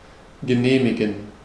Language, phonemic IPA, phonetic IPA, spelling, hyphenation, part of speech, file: German, /ɡəˈneːmɪɡən/, [ɡəˈneːmɪɡŋ̍], genehmigen, ge‧neh‧mi‧gen, verb, De-genehmigen.ogg
- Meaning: to permit, to sanction, to approve